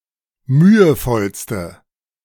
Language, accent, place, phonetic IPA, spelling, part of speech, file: German, Germany, Berlin, [ˈmyːəˌfɔlstə], mühevollste, adjective, De-mühevollste.ogg
- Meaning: inflection of mühevoll: 1. strong/mixed nominative/accusative feminine singular superlative degree 2. strong nominative/accusative plural superlative degree